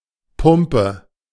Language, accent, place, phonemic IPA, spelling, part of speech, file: German, Germany, Berlin, /ˈpʊmpə/, Pumpe, noun, De-Pumpe.ogg
- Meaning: 1. pump 2. heart